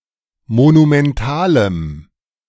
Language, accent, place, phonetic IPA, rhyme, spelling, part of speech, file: German, Germany, Berlin, [monumɛnˈtaːləm], -aːləm, monumentalem, adjective, De-monumentalem.ogg
- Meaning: strong dative masculine/neuter singular of monumental